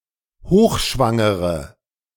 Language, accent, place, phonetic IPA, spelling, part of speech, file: German, Germany, Berlin, [ˈhoːxˌʃvaŋəʁə], hochschwangere, adjective, De-hochschwangere.ogg
- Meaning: inflection of hochschwanger: 1. strong/mixed nominative/accusative feminine singular 2. strong nominative/accusative plural 3. weak nominative all-gender singular